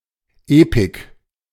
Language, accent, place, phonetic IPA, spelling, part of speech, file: German, Germany, Berlin, [ˈeːpɪk], Epik, noun, De-Epik.ogg
- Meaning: epic poetry